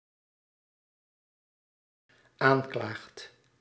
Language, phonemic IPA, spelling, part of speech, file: Dutch, /ˈaɲklaɣt/, aanklaagt, verb, Nl-aanklaagt.ogg
- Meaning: second/third-person singular dependent-clause present indicative of aanklagen